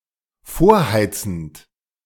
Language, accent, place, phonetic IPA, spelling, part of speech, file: German, Germany, Berlin, [ˈfoːɐ̯ˌhaɪ̯t͡sn̩t], vorheizend, verb, De-vorheizend.ogg
- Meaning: present participle of vorheizen